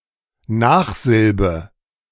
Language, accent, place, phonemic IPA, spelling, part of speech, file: German, Germany, Berlin, /ˈnaːχˌzɪlbə/, Nachsilbe, noun, De-Nachsilbe.ogg
- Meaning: suffix